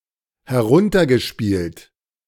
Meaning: past participle of herunterspielen
- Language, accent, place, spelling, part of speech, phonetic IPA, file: German, Germany, Berlin, heruntergespielt, verb, [hɛˈʁʊntɐɡəˌʃpiːlt], De-heruntergespielt.ogg